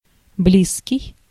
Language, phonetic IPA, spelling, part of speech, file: Russian, [ˈblʲiskʲɪj], близкий, adjective, Ru-близкий.ogg
- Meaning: 1. close, near 2. dear, intimate 3. directly concerning 4. having free access 5. similar